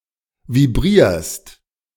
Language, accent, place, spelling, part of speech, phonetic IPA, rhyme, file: German, Germany, Berlin, vibrierst, verb, [viˈbʁiːɐ̯st], -iːɐ̯st, De-vibrierst.ogg
- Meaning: second-person singular present of vibrieren